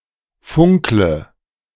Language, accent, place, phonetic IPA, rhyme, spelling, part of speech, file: German, Germany, Berlin, [ˈfʊŋklə], -ʊŋklə, funkle, verb, De-funkle.ogg
- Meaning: inflection of funkeln: 1. first-person singular present 2. first/third-person singular subjunctive I 3. singular imperative